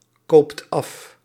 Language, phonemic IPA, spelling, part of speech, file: Dutch, /ˈkoːpt ˈɑf/, koopt af, verb, Nl-koopt af.ogg
- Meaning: inflection of afkopen: 1. second/third-person singular present indicative 2. plural imperative